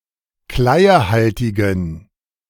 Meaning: inflection of kleiehaltig: 1. strong genitive masculine/neuter singular 2. weak/mixed genitive/dative all-gender singular 3. strong/weak/mixed accusative masculine singular 4. strong dative plural
- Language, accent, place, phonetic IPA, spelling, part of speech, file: German, Germany, Berlin, [ˈklaɪ̯əˌhaltɪɡn̩], kleiehaltigen, adjective, De-kleiehaltigen.ogg